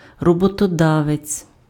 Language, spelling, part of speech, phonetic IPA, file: Ukrainian, роботодавець, noun, [rɔbɔtɔˈdaʋet͡sʲ], Uk-роботодавець.ogg
- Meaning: employer